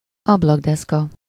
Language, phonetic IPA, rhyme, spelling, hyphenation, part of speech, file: Hungarian, [ˈɒblɒɡdɛskɒ], -kɒ, ablakdeszka, ab‧lak‧desz‧ka, noun, Hu-ablakdeszka.ogg
- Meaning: windowsill (especially the one inside the building or between the two panes)